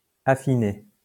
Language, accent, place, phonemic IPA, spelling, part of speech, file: French, France, Lyon, /a.fi.ne/, affiné, verb, LL-Q150 (fra)-affiné.wav
- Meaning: past participle of affiner